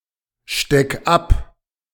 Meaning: 1. singular imperative of abstecken 2. first-person singular present of abstecken
- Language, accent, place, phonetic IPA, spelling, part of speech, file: German, Germany, Berlin, [ˌʃtɛk ˈap], steck ab, verb, De-steck ab.ogg